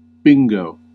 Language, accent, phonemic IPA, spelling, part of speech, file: English, US, /ˈbɪŋ.ɡoʊ/, bingo, noun / interjection / adjective / verb, En-us-bingo.ogg